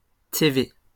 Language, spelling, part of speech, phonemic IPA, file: French, TV, noun, /te.ve/, LL-Q150 (fra)-TV.wav
- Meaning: television